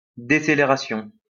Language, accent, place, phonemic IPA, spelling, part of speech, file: French, France, Lyon, /de.se.le.ʁa.sjɔ̃/, décélération, noun, LL-Q150 (fra)-décélération.wav
- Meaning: deceleration